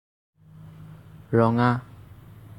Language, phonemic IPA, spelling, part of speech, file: Assamese, /ɹɔ.ŋɑ/, ৰঙা, adjective, As-ৰঙা.ogg
- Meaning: red